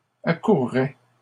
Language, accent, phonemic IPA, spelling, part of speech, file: French, Canada, /a.kuʁ.ʁɛ/, accourraient, verb, LL-Q150 (fra)-accourraient.wav
- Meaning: third-person plural conditional of accourir